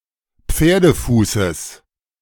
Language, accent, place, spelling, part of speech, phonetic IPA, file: German, Germany, Berlin, Pferdefußes, noun, [ˈp͡feːɐ̯dəˌfuːsəs], De-Pferdefußes.ogg
- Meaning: genitive singular of Pferdefuß